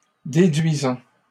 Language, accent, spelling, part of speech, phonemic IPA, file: French, Canada, déduisant, verb, /de.dɥi.zɑ̃/, LL-Q150 (fra)-déduisant.wav
- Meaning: present participle of déduire